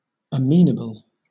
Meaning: 1. Willing to respond to persuasion or suggestions 2. Willing to comply; easily led 3. Liable to be brought to account, to a charge or claim; responsible; accountable; answerable
- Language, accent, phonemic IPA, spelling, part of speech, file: English, Southern England, /əˈmiːnəbəl/, amenable, adjective, LL-Q1860 (eng)-amenable.wav